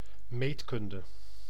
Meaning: geometry
- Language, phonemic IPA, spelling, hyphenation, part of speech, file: Dutch, /ˈmeːtˌkʏn.də/, meetkunde, meet‧kun‧de, noun, Nl-meetkunde.ogg